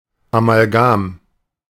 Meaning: amalgam (alloy containing mercury)
- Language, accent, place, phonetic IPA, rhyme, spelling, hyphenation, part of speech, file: German, Germany, Berlin, [amalˈɡaːm], -aːm, Amalgam, A‧mal‧gam, noun, De-Amalgam.ogg